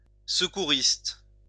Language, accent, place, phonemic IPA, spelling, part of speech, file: French, France, Lyon, /sə.ku.ʁist/, secouriste, noun, LL-Q150 (fra)-secouriste.wav
- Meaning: first-aider